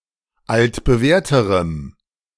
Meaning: strong dative masculine/neuter singular comparative degree of altbewährt
- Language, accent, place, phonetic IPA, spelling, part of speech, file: German, Germany, Berlin, [ˌaltbəˈvɛːɐ̯təʁəm], altbewährterem, adjective, De-altbewährterem.ogg